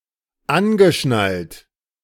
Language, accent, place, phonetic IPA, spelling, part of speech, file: German, Germany, Berlin, [ˈanɡəˌʃnalt], angeschnallt, verb, De-angeschnallt.ogg
- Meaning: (verb) past participle of anschnallen; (adjective) strapped